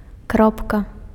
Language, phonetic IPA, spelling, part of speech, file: Belarusian, [ˈkropka], кропка, noun, Be-кропка.ogg
- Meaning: 1. dot, point 2. full stop, period